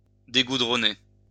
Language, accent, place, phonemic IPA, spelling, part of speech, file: French, France, Lyon, /de.ɡu.dʁɔ.ne/, dégoudronner, verb, LL-Q150 (fra)-dégoudronner.wav
- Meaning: to detar